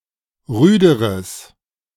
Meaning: strong/mixed nominative/accusative neuter singular comparative degree of rüde
- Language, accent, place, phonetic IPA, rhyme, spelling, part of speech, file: German, Germany, Berlin, [ˈʁyːdəʁəs], -yːdəʁəs, rüderes, adjective, De-rüderes.ogg